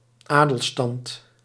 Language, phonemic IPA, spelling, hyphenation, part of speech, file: Dutch, /ˈaː.dəlˌstɑnt/, adelstand, adel‧stand, noun, Nl-adelstand.ogg
- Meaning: 1. nobility (noble or privileged social class) 2. nobility (the quality of being noble)